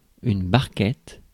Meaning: 1. small boat 2. punnet, small box, small tub 3. painted comber, Serranus scriba 4. prototype 5. stretcher 6. barquette (kind of filled pastry)
- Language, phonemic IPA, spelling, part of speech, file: French, /baʁ.kɛt/, barquette, noun, Fr-barquette.ogg